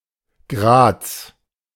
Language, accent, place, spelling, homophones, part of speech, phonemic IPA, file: German, Germany, Berlin, Graz, Grads / Grats, proper noun, /ɡʁaːts/, De-Graz.ogg
- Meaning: Graz (a city, the state capital of Styria, Austria)